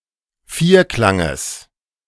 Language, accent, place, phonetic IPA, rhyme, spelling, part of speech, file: German, Germany, Berlin, [ˈfiːɐ̯ˌklaŋəs], -iːɐ̯klaŋəs, Vierklanges, noun, De-Vierklanges.ogg
- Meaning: genitive of Vierklang